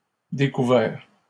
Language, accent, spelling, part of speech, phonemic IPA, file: French, Canada, découverts, adjective / noun / verb, /de.ku.vɛʁ/, LL-Q150 (fra)-découverts.wav
- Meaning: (adjective) masculine plural of découvert; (noun) plural of découvert